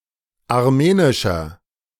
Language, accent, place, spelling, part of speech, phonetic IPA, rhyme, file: German, Germany, Berlin, armenischer, adjective, [aʁˈmeːnɪʃɐ], -eːnɪʃɐ, De-armenischer.ogg
- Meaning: inflection of armenisch: 1. strong/mixed nominative masculine singular 2. strong genitive/dative feminine singular 3. strong genitive plural